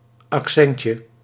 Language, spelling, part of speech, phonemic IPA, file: Dutch, accentje, noun, /ɑkˈsɛncə/, Nl-accentje.ogg
- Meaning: diminutive of accent